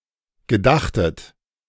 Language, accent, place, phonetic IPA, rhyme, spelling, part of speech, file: German, Germany, Berlin, [ɡəˈdaxtət], -axtət, gedachtet, verb, De-gedachtet.ogg
- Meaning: second-person plural preterite of gedenken